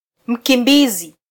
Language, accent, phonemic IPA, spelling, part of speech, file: Swahili, Kenya, /m̩.kiˈᵐbi.zi/, mkimbizi, noun, Sw-ke-mkimbizi.flac
- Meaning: refugee (person seeking political asylum)